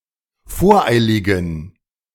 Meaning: inflection of voreilig: 1. strong genitive masculine/neuter singular 2. weak/mixed genitive/dative all-gender singular 3. strong/weak/mixed accusative masculine singular 4. strong dative plural
- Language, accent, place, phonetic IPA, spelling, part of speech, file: German, Germany, Berlin, [ˈfoːɐ̯ˌʔaɪ̯lɪɡn̩], voreiligen, adjective, De-voreiligen.ogg